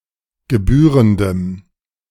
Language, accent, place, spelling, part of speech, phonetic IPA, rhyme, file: German, Germany, Berlin, gebührendem, adjective, [ɡəˈbyːʁəndəm], -yːʁəndəm, De-gebührendem.ogg
- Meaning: strong dative masculine/neuter singular of gebührend